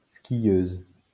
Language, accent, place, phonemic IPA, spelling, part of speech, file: French, France, Lyon, /ski.jøz/, skieuse, noun, LL-Q150 (fra)-skieuse.wav
- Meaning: female equivalent of skieur (“skier”)